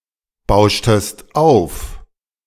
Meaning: inflection of aufbauschen: 1. second-person singular preterite 2. second-person singular subjunctive II
- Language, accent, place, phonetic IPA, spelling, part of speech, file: German, Germany, Berlin, [ˌbaʊ̯ʃtəst ˈaʊ̯f], bauschtest auf, verb, De-bauschtest auf.ogg